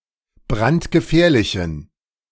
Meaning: inflection of brandgefährlich: 1. strong genitive masculine/neuter singular 2. weak/mixed genitive/dative all-gender singular 3. strong/weak/mixed accusative masculine singular 4. strong dative plural
- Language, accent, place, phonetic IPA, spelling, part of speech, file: German, Germany, Berlin, [ˈbʁantɡəˌfɛːɐ̯lɪçn̩], brandgefährlichen, adjective, De-brandgefährlichen.ogg